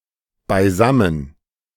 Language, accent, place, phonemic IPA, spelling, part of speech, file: German, Germany, Berlin, /baɪˈzamən/, beisammen, adverb, De-beisammen.ogg
- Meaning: together